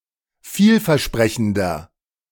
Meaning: 1. comparative degree of vielversprechend 2. inflection of vielversprechend: strong/mixed nominative masculine singular 3. inflection of vielversprechend: strong genitive/dative feminine singular
- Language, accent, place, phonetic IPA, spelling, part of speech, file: German, Germany, Berlin, [ˈfiːlfɛɐ̯ˌʃpʁɛçn̩dɐ], vielversprechender, adjective, De-vielversprechender.ogg